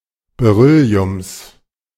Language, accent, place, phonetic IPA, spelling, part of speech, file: German, Germany, Berlin, [beˈʁʏli̯ʊms], Berylliums, noun, De-Berylliums.ogg
- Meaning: genitive singular of Beryllium